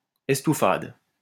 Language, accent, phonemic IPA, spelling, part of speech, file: French, France, /ɛs.tu.fad/, estouffade, noun, LL-Q150 (fra)-estouffade.wav
- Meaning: estouffade